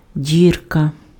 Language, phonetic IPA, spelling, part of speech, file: Ukrainian, [ˈdʲirkɐ], дірка, noun, Uk-дірка.ogg
- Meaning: hole